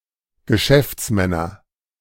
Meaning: nominative/accusative/genitive plural of Geschäftsmann
- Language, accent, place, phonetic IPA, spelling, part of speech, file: German, Germany, Berlin, [ɡəˈʃɛft͡sˌmɛnɐ], Geschäftsmänner, noun, De-Geschäftsmänner.ogg